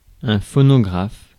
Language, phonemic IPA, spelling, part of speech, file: French, /fɔ.nɔ.ɡʁaf/, phonographe, noun, Fr-phonographe.ogg
- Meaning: phonograph